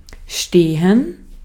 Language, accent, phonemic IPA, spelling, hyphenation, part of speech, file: German, Austria, /ʃteːhɛn/, stehen, ste‧hen, verb, De-at-stehen.ogg
- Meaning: 1. to stand (to be upright, support oneself in an erect position) 2. to be, to stand (to be placed or located somewhere in an upright position) 3. to be written, it says (in a book, on a sign, etc.)